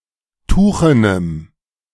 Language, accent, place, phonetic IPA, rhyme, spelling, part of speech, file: German, Germany, Berlin, [ˈtuːxənəm], -uːxənəm, tuchenem, adjective, De-tuchenem.ogg
- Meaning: strong dative masculine/neuter singular of tuchen